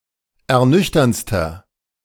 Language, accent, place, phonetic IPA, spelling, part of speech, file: German, Germany, Berlin, [ɛɐ̯ˈnʏçtɐnt͡stɐ], ernüchterndster, adjective, De-ernüchterndster.ogg
- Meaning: inflection of ernüchternd: 1. strong/mixed nominative masculine singular superlative degree 2. strong genitive/dative feminine singular superlative degree 3. strong genitive plural superlative degree